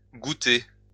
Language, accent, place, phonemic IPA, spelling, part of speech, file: French, France, Lyon, /ɡu.te/, goutter, verb, LL-Q150 (fra)-goutter.wav
- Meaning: to drip (to fall one drop at a time)